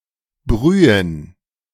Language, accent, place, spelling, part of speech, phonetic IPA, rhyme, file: German, Germany, Berlin, Brühen, noun, [ˈbʁyːən], -yːən, De-Brühen.ogg
- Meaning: plural of Brühe